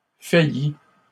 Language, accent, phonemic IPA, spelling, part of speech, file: French, Canada, /fa.ji/, faillît, verb, LL-Q150 (fra)-faillît.wav
- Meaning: third-person singular imperfect subjunctive of faillir